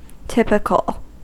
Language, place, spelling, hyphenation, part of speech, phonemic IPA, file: English, California, typical, typ‧i‧cal, adjective / noun, /ˈtɪp.ɪ.kəl/, En-us-typical.ogg
- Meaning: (adjective) 1. Capturing the overall sense of a thing 2. Characteristically representing something by form, group, idea or type 3. Normal, average; to be expected